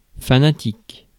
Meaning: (adjective) fanatic, fanatical; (noun) 1. fanatic (one who is zealously enthusiastic) 2. fanatic, zealot
- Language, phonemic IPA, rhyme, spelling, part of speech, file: French, /fa.na.tik/, -ik, fanatique, adjective / noun, Fr-fanatique.ogg